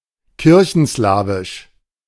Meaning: Church Slavonic
- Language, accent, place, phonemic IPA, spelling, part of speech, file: German, Germany, Berlin, /ˈkɪʁçn̩ˌslaːvɪʃ/, kirchenslawisch, adjective, De-kirchenslawisch.ogg